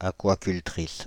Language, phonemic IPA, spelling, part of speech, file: French, /a.kwa.kyl.tʁis/, aquacultrice, noun, Fr-aquacultrice.ogg
- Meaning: female equivalent of aquaculteur